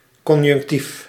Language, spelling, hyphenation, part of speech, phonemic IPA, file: Dutch, conjunctief, con‧junc‧tief, noun, /ˈkɔn.jʏŋk.tif/, Nl-conjunctief.ogg
- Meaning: the subjunctive mood or a word therein